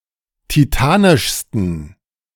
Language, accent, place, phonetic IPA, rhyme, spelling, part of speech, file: German, Germany, Berlin, [tiˈtaːnɪʃstn̩], -aːnɪʃstn̩, titanischsten, adjective, De-titanischsten.ogg
- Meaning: 1. superlative degree of titanisch 2. inflection of titanisch: strong genitive masculine/neuter singular superlative degree